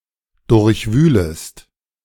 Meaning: second-person singular subjunctive I of durchwühlen
- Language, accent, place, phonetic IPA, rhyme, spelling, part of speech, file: German, Germany, Berlin, [ˌdʊʁçˈvyːləst], -yːləst, durchwühlest, verb, De-durchwühlest.ogg